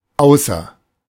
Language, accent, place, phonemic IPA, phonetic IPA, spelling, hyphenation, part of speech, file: German, Germany, Berlin, /ˈaʊ̯sɐ/, [ˈʔaʊ̯sɐ], außer, au‧ßer, preposition / conjunction, De-außer.ogg
- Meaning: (preposition) 1. except; besides; apart from 2. out of 3. beside oneself; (conjunction) except; referring to a following clause or adverb